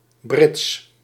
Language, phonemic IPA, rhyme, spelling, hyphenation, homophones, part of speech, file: Dutch, /brɪts/, -ɪts, brits, brits, Brits, noun, Nl-brits.ogg
- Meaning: a berth, a bunk